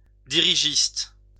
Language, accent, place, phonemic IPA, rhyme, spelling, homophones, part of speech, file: French, France, Lyon, /di.ʁi.ʒist/, -ist, dirigiste, dirigistes, adjective / noun, LL-Q150 (fra)-dirigiste.wav
- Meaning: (adjective) of dirigisme; dirigiste; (noun) dirigiste (advocate of dirigisme)